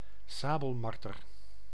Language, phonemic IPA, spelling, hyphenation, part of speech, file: Dutch, /ˈsaː.bəlˌmɑr.tər/, sabelmarter, sa‧bel‧mar‧ter, noun, Nl-sabelmarter.ogg
- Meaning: sable (Martes zibellina)